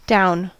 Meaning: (adverb) 1. From a higher position to a lower one; downwards 2. To or towards what is considered the bottom of something, irrespective of whether this is presently physically lower
- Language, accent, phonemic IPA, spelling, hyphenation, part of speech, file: English, US, /ˈdaʊ̯n/, down, down, adverb / preposition / adjective / verb / noun, En-us-down.ogg